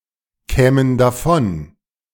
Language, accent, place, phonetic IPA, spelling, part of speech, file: German, Germany, Berlin, [ˌkɛːmən daˈfɔn], kämen davon, verb, De-kämen davon.ogg
- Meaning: first-person plural subjunctive II of davonkommen